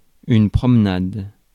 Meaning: walk; stroll (walk for enjoyment)
- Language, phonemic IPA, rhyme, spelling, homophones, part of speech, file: French, /pʁɔm.nad/, -ad, promenade, promenades, noun, Fr-promenade.ogg